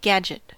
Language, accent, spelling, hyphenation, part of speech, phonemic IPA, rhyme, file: English, General American, gadget, gad‧get, noun, /ɡæd͡ʒ.ɪt/, -ædʒɪt, En-us-gadget.ogg
- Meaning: 1. A thing whose name cannot be remembered; thingamajig, doohickey 2. Any device or machine, especially one whose name cannot be recalled, often either clever or complicated